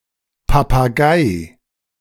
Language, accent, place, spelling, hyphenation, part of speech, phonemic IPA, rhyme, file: German, Germany, Berlin, Papagei, Pa‧pa‧gei, noun, /papaˈɡaɪ̯/, -aɪ̯, De-Papagei.ogg
- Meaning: parrot